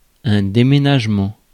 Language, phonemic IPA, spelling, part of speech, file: French, /de.me.naʒ.mɑ̃/, déménagement, noun, Fr-déménagement.ogg
- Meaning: move, house move (the event of changing one's residence)